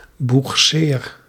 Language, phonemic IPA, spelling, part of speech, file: Dutch, /buxˈser/, boegseer, verb, Nl-boegseer.ogg
- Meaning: inflection of boegseren: 1. first-person singular present indicative 2. second-person singular present indicative 3. imperative